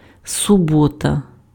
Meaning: Saturday
- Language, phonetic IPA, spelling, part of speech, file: Ukrainian, [sʊˈbɔtɐ], субота, noun, Uk-субота.ogg